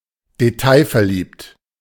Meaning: obsessed with detail
- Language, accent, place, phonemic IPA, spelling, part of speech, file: German, Germany, Berlin, /deˈtaɪ̯fɛɐ̯ˌliːpt/, detailverliebt, adjective, De-detailverliebt.ogg